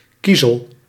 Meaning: 1. pebble, pebblestone 2. flint, gravel 3. silicon
- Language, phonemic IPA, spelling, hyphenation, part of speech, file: Dutch, /ˈkizəl/, kiezel, kie‧zel, noun, Nl-kiezel.ogg